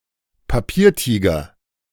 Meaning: paper tiger
- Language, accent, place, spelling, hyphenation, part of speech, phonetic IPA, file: German, Germany, Berlin, Papiertiger, Pa‧pier‧ti‧ger, noun, [paˈpiːɐ̯ˌtiːɡɐ], De-Papiertiger.ogg